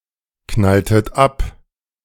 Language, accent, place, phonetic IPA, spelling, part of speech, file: German, Germany, Berlin, [ˌknaltət ˈap], knalltet ab, verb, De-knalltet ab.ogg
- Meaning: inflection of abknallen: 1. second-person plural preterite 2. second-person plural subjunctive II